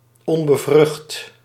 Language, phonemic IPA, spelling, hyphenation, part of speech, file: Dutch, /ˌɔn.bəˈvrʏxt/, onbevrucht, on‧be‧vrucht, adjective, Nl-onbevrucht.ogg
- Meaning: unfertilised